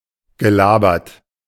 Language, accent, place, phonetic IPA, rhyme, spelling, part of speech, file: German, Germany, Berlin, [ɡəˈlaːbɐt], -aːbɐt, gelabert, verb, De-gelabert.ogg
- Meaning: past participle of labern